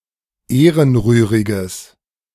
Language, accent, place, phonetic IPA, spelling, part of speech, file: German, Germany, Berlin, [ˈeːʁənˌʁyːʁɪɡəs], ehrenrühriges, adjective, De-ehrenrühriges.ogg
- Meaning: strong/mixed nominative/accusative neuter singular of ehrenrührig